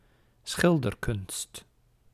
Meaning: the art of painting
- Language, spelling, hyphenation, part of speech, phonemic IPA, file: Dutch, schilderkunst, schil‧der‧kunst, noun, /sxɪldərkʏnst/, Nl-schilderkunst.ogg